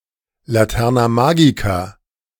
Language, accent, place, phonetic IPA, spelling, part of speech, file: German, Germany, Berlin, [laˌtɛʁna ˈmaːɡika], Laterna magica, noun, De-Laterna magica.ogg
- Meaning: magic lantern